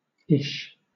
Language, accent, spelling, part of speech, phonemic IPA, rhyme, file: English, Southern England, ish, verb / adverb / noun / interjection, /ɪʃ/, -ɪʃ, LL-Q1860 (eng)-ish.wav
- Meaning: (verb) Pronunciation spelling of is; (adverb) 1. somewhat, reasonably, fairly 2. about, approximately; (noun) The letter which stands for the sh sound /ʃ/ in Pitman shorthand